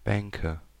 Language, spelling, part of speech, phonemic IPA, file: German, Bänke, noun, /ˈbɛŋkə/, De-Bänke.ogg
- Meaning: nominative/accusative/genitive plural of Bank